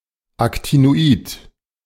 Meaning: actinide
- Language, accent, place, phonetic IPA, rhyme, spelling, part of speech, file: German, Germany, Berlin, [ˌaktinoˈiːt], -iːt, Actinoid, noun, De-Actinoid.ogg